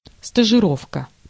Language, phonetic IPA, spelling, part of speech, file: Russian, [stəʐɨˈrofkə], стажировка, noun, Ru-стажировка.ogg
- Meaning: training (especially on a job), (period or status of) probation